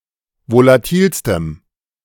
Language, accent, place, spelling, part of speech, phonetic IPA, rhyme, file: German, Germany, Berlin, volatilstem, adjective, [volaˈtiːlstəm], -iːlstəm, De-volatilstem.ogg
- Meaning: strong dative masculine/neuter singular superlative degree of volatil